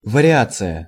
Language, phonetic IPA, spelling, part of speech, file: Russian, [vərʲɪˈat͡sɨjə], вариация, noun, Ru-вариация.ogg
- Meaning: 1. variation (related but distinct thing) 2. variation (a musical technique based on an altered repetition of a theme)